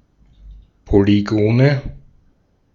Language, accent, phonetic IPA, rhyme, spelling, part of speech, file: German, Austria, [poliˈɡoːnə], -oːnə, Polygone, noun, De-at-Polygone.ogg
- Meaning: nominative/accusative/genitive plural of Polygon